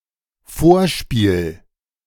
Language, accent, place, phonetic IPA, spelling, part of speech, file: German, Germany, Berlin, [ˈfoːɐ̯ˌʃpiːl], Vorspiel, noun, De-Vorspiel.ogg
- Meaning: 1. prelude (kind of short piece of music) 2. recital (performance, especially by learners or applicants) 3. foreplay (acts that serve to build up sexual arousal)